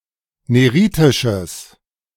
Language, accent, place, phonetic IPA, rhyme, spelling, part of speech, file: German, Germany, Berlin, [ˌneˈʁiːtɪʃəs], -iːtɪʃəs, neritisches, adjective, De-neritisches.ogg
- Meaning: strong/mixed nominative/accusative neuter singular of neritisch